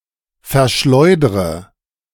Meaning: inflection of verschleudern: 1. first-person singular present 2. first/third-person singular subjunctive I 3. singular imperative
- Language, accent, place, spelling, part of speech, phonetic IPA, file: German, Germany, Berlin, verschleudre, verb, [fɛɐ̯ˈʃlɔɪ̯dʁə], De-verschleudre.ogg